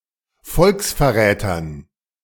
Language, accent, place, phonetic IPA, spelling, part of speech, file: German, Germany, Berlin, [ˈfɔlksfɛɐ̯ˌʁɛːtɐn], Volksverrätern, noun, De-Volksverrätern.ogg
- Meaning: dative plural of Volksverräter